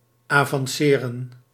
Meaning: to advance
- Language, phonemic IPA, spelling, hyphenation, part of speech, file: Dutch, /aːvɑnˈseːrə(n)/, avanceren, avan‧ce‧ren, verb, Nl-avanceren.ogg